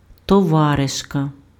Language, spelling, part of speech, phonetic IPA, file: Ukrainian, товаришка, noun, [tɔˈʋareʃkɐ], Uk-товаришка.ogg
- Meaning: female equivalent of това́риш (továryš, “comrade”)